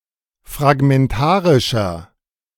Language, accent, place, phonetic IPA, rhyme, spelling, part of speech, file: German, Germany, Berlin, [fʁaɡmɛnˈtaːʁɪʃɐ], -aːʁɪʃɐ, fragmentarischer, adjective, De-fragmentarischer.ogg
- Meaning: inflection of fragmentarisch: 1. strong/mixed nominative masculine singular 2. strong genitive/dative feminine singular 3. strong genitive plural